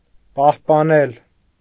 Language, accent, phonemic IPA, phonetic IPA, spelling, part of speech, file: Armenian, Eastern Armenian, /pɑhpɑˈnel/, [pɑhpɑnél], պահպանել, verb, Hy-պահպանել.ogg
- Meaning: 1. to keep, to preserve, to retain 2. to support 3. to take care of